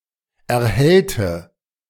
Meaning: inflection of erhellen: 1. first/third-person singular preterite 2. first/third-person singular subjunctive II
- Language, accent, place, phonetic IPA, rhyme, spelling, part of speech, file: German, Germany, Berlin, [ɛɐ̯ˈhɛltə], -ɛltə, erhellte, adjective / verb, De-erhellte.ogg